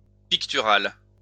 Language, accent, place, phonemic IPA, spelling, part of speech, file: French, France, Lyon, /pik.ty.ʁal/, pictural, adjective, LL-Q150 (fra)-pictural.wav
- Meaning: painting, pictorial